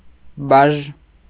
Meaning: a kind of indirect tax
- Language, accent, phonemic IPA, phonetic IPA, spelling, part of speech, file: Armenian, Eastern Armenian, /bɑʒ/, [bɑʒ], բաժ, noun, Hy-բաժ.ogg